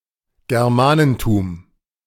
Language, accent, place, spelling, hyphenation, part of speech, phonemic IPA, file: German, Germany, Berlin, Germanentum, Ger‧ma‧nen‧tum, noun, /ɡɛʁˈmaːnəntuːm/, De-Germanentum.ogg
- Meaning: the culture, history, religion, and traditions of the Germanic peoples